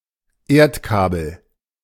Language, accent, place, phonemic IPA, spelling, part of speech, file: German, Germany, Berlin, /ˈeːɐ̯tˌkaːbl̩/, Erdkabel, noun, De-Erdkabel.ogg
- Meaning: buried cable